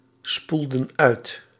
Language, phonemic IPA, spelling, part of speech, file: Dutch, /ˈspuldə(n) ˈœyt/, spoelden uit, verb, Nl-spoelden uit.ogg
- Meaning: inflection of uitspoelen: 1. plural past indicative 2. plural past subjunctive